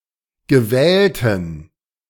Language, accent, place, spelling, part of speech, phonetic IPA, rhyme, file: German, Germany, Berlin, gewählten, adjective, [ɡəˈvɛːltn̩], -ɛːltn̩, De-gewählten.ogg
- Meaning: inflection of gewählt: 1. strong genitive masculine/neuter singular 2. weak/mixed genitive/dative all-gender singular 3. strong/weak/mixed accusative masculine singular 4. strong dative plural